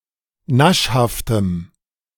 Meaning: strong dative masculine/neuter singular of naschhaft
- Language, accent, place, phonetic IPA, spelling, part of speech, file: German, Germany, Berlin, [ˈnaʃhaftəm], naschhaftem, adjective, De-naschhaftem.ogg